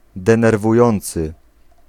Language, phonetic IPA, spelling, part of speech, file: Polish, [ˌdɛ̃nɛrvuˈjɔ̃nt͡sɨ], denerwujący, adjective, Pl-denerwujący.ogg